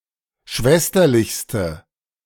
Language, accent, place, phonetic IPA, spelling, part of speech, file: German, Germany, Berlin, [ˈʃvɛstɐlɪçstə], schwesterlichste, adjective, De-schwesterlichste.ogg
- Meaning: inflection of schwesterlich: 1. strong/mixed nominative/accusative feminine singular superlative degree 2. strong nominative/accusative plural superlative degree